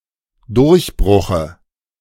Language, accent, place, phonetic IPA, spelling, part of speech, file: German, Germany, Berlin, [ˈdʊʁçˌbʁʊxə], Durchbruche, noun, De-Durchbruche.ogg
- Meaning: dative singular of Durchbruch